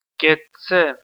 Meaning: long live! hail to! hoorah (for)!
- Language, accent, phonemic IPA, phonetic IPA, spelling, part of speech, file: Armenian, Eastern Armenian, /ket͡sʰˈt͡sʰe/, [ket̚t͡sʰé], կեցցե, interjection, Hy-EA-կեցցե.ogg